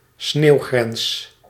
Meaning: snow line
- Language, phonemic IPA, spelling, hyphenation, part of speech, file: Dutch, /ˈsneːu̯.ɣrɛns/, sneeuwgrens, sneeuw‧grens, noun, Nl-sneeuwgrens.ogg